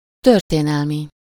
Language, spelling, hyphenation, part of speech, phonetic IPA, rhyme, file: Hungarian, történelmi, tör‧té‧nel‧mi, adjective, [ˈtørteːnɛlmi], -mi, Hu-történelmi.ogg
- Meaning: historical